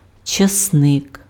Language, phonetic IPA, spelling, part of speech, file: Ukrainian, [t͡ʃɐsˈnɪk], часник, noun, Uk-часник.ogg
- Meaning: garlic